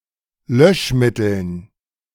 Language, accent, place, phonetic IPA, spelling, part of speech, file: German, Germany, Berlin, [ˈlœʃˌmɪtl̩n], Löschmitteln, noun, De-Löschmitteln.ogg
- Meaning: dative plural of Löschmittel